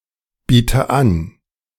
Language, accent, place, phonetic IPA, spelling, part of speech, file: German, Germany, Berlin, [ˌbiːtə ˈan], biete an, verb, De-biete an.ogg
- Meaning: inflection of anbieten: 1. first-person singular present 2. first/third-person singular subjunctive I 3. singular imperative